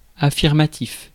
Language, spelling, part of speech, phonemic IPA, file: French, affirmatif, adjective / interjection, /a.fiʁ.ma.tif/, Fr-affirmatif.ogg
- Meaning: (adjective) affirmative (which affirms); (interjection) affirmative